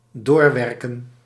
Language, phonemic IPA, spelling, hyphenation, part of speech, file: Dutch, /ˈdoːrˌʋɛrkə(n)/, doorwerken, door‧wer‧ken, verb, Nl-doorwerken.ogg
- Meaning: 1. to continue working 2. to continue to have effect, to lastingly affect